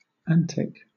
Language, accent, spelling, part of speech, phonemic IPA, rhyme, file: English, Southern England, antic, adjective / noun / verb, /ˈæn.tɪk/, -æntɪk, LL-Q1860 (eng)-antic.wav
- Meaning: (adjective) 1. Playful, funny, absurd 2. Grotesque, incongruous 3. Grotesque, bizarre 4. Obsolete form of antique; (noun) 1. A grotesque representation of a figure; a gargoyle 2. A caricature